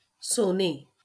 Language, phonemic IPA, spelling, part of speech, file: Marathi, /so.ne/, सोने, noun, LL-Q1571 (mar)-सोने.wav
- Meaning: gold